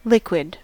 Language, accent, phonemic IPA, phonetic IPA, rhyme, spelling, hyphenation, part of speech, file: English, US, /ˈlɪk.wɪd/, [ˈlɪk.wɪd], -ɪkwɪd, liquid, liq‧uid, noun / adjective, En-us-liquid.ogg